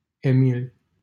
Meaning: a male given name from Latin, equivalent to English Emil — famously held by
- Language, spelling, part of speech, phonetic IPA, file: Romanian, Emil, proper noun, [eˈmil], LL-Q7913 (ron)-Emil.wav